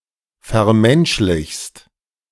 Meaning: second-person singular present of vermenschlichen
- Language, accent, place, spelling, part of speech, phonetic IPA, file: German, Germany, Berlin, vermenschlichst, verb, [fɛɐ̯ˈmɛnʃlɪçst], De-vermenschlichst.ogg